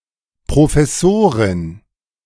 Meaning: 1. female professor 2. professor’s wife
- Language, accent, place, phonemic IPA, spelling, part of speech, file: German, Germany, Berlin, /pʁofɛˈsoːʁɪn/, Professorin, noun, De-Professorin.ogg